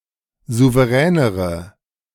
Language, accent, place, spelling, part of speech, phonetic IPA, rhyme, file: German, Germany, Berlin, souveränere, adjective, [ˌzuvəˈʁɛːnəʁə], -ɛːnəʁə, De-souveränere.ogg
- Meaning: inflection of souverän: 1. strong/mixed nominative/accusative feminine singular comparative degree 2. strong nominative/accusative plural comparative degree